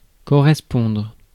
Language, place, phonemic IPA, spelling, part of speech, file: French, Paris, /kɔ.ʁɛs.pɔ̃dʁ/, correspondre, verb, Fr-correspondre.ogg
- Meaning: 1. to correspond 2. to write to 3. to transfer (on public transit)